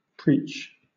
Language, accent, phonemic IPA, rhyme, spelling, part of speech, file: English, Southern England, /pɹiːt͡ʃ/, -iːtʃ, preach, verb / noun / interjection, LL-Q1860 (eng)-preach.wav
- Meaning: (verb) 1. To give a sermon 2. To proclaim by public discourse; to utter in a sermon or a formal religious harangue 3. To advise or recommend earnestly